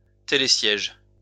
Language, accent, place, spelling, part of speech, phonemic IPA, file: French, France, Lyon, télésiège, noun, /te.le.sjɛʒ/, LL-Q150 (fra)-télésiège.wav
- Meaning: a chairlift